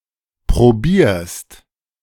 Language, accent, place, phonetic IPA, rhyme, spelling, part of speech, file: German, Germany, Berlin, [pʁoˈbiːɐ̯st], -iːɐ̯st, probierst, verb, De-probierst.ogg
- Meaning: second-person singular present of probieren